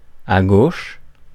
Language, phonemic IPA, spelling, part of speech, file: French, /a ɡoʃ/, à gauche, prepositional phrase, Fr-à gauche.ogg
- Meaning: 1. on the left 2. to the left